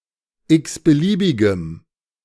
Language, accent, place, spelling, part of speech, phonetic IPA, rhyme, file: German, Germany, Berlin, x-beliebigem, adjective, [ˌɪksbəˈliːbɪɡəm], -iːbɪɡəm, De-x-beliebigem.ogg
- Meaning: strong dative masculine/neuter singular of x-beliebig